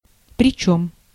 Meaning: moreover, and, at that, with
- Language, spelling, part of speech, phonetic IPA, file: Russian, причём, conjunction, [prʲɪˈt͡ɕɵm], Ru-причём.ogg